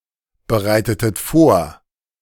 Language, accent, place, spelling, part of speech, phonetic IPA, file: German, Germany, Berlin, bereitetet vor, verb, [bəˌʁaɪ̯tətət ˈfoːɐ̯], De-bereitetet vor.ogg
- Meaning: inflection of vorbereiten: 1. second-person plural preterite 2. second-person plural subjunctive II